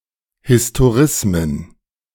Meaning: plural of Historismus
- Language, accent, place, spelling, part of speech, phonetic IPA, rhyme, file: German, Germany, Berlin, Historismen, noun, [hɪstoˈʁɪsmən], -ɪsmən, De-Historismen.ogg